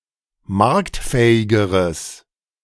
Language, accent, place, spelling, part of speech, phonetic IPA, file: German, Germany, Berlin, marktfähigeres, adjective, [ˈmaʁktˌfɛːɪɡəʁəs], De-marktfähigeres.ogg
- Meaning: strong/mixed nominative/accusative neuter singular comparative degree of marktfähig